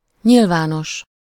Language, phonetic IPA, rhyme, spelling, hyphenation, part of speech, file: Hungarian, [ˈɲilvaːnoʃ], -oʃ, nyilvános, nyil‧vá‧nos, adjective, Hu-nyilvános.ogg
- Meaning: public (pertaining to the affairs or official affairs of all people)